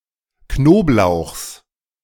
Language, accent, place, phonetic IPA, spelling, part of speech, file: German, Germany, Berlin, [ˈknoːpˌlaʊ̯xs], Knoblauchs, noun, De-Knoblauchs.ogg
- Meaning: genitive singular of Knoblauch